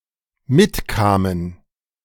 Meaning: first/third-person plural dependent preterite of mitkommen
- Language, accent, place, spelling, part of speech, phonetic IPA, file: German, Germany, Berlin, mitkamen, verb, [ˈmɪtˌkaːmən], De-mitkamen.ogg